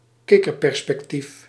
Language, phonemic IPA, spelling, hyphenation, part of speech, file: Dutch, /ˈkɪ.kər.pɛr.spɛkˈtif/, kikkerperspectief, kik‧ker‧per‧spec‧tief, noun, Nl-kikkerperspectief.ogg
- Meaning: frog's-eye view